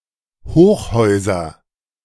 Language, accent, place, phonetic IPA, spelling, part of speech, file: German, Germany, Berlin, [ˈhoːxˌhɔɪ̯zɐ], Hochhäuser, noun, De-Hochhäuser.ogg
- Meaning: nominative/accusative/genitive plural of Hochhaus